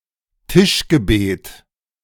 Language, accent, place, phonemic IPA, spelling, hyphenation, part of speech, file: German, Germany, Berlin, /ˈtɪʃɡəˌbeːt/, Tischgebet, Tisch‧ge‧bet, noun, De-Tischgebet.ogg
- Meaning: grace (prayer before meal)